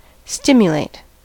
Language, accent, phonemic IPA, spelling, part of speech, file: English, US, /ˈstɪm.jəˌleɪt/, stimulate, verb, En-us-stimulate.ogg
- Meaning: 1. To encourage into action 2. To arouse an organism to functional activity